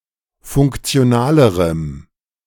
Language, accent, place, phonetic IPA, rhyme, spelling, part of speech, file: German, Germany, Berlin, [ˌfʊŋkt͡si̯oˈnaːləʁəm], -aːləʁəm, funktionalerem, adjective, De-funktionalerem.ogg
- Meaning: strong dative masculine/neuter singular comparative degree of funktional